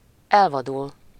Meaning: 1. to become wild, become unmanageable (situation) 2. to run wild (plant)
- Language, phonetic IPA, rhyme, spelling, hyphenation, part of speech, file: Hungarian, [ˈɛlvɒdul], -ul, elvadul, el‧va‧dul, verb, Hu-elvadul.ogg